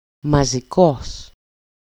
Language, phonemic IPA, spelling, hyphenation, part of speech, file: Greek, /ma.zi.ˈkos/, μαζικός, μα‧ζι‧κός, adjective, EL-μαζικός.ogg
- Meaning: 1. mass (collectively, en masse) 2. mass, massic (related to weight) 3. mass, bulky